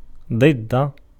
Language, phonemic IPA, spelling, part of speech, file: Arabic, /dˤid.da/, ضد, preposition, Ar-ضد.ogg
- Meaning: against